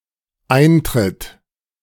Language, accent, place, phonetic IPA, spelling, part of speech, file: German, Germany, Berlin, [ˈʔaɪ̯ntʁɪt], eintritt, verb, De-eintritt.ogg
- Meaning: third-person singular dependent present of eintreten